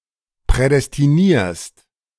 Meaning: second-person singular present of prädestinieren
- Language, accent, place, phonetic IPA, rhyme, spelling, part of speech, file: German, Germany, Berlin, [pʁɛdɛstiˈniːɐ̯st], -iːɐ̯st, prädestinierst, verb, De-prädestinierst.ogg